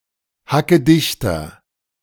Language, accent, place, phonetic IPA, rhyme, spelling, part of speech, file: German, Germany, Berlin, [hakəˈdɪçtɐ], -ɪçtɐ, hackedichter, adjective, De-hackedichter.ogg
- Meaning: inflection of hackedicht: 1. strong/mixed nominative masculine singular 2. strong genitive/dative feminine singular 3. strong genitive plural